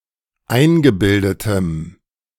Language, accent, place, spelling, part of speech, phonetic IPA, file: German, Germany, Berlin, eingebildetem, adjective, [ˈaɪ̯nɡəˌbɪldətəm], De-eingebildetem.ogg
- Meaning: strong dative masculine/neuter singular of eingebildet